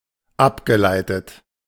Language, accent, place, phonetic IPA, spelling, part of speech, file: German, Germany, Berlin, [ˈapɡəˌlaɪ̯tət], abgeleitet, verb, De-abgeleitet.ogg
- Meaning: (verb) past participle of ableiten; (adjective) 1. derived 2. derivative